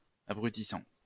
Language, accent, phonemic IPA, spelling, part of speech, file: French, France, /a.bʁy.ti.sɑ̃/, abrutissant, verb / adjective, LL-Q150 (fra)-abrutissant.wav
- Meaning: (verb) present participle of abrutir; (adjective) 1. exhausting 2. mind-numbing